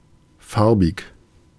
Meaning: 1. colored 2. colored (of skin color other than white) 3. chromatic
- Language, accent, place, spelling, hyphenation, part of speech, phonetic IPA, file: German, Germany, Berlin, farbig, far‧big, adjective, [ˈfaɐ̯.bɪç], De-farbig.ogg